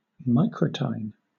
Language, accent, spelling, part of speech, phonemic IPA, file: English, Southern England, microtine, adjective / noun, /ˈmaɪkɹətaɪn/, LL-Q1860 (eng)-microtine.wav
- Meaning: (adjective) Of or relating to the subfamily Microtinae, including voles, lemmings and muskrats; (noun) Any rodent of the former subfamily Microtinae (now Arvicolinae)